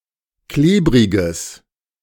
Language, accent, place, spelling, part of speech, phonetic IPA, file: German, Germany, Berlin, klebriges, adjective, [ˈkleːbʁɪɡəs], De-klebriges.ogg
- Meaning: strong/mixed nominative/accusative neuter singular of klebrig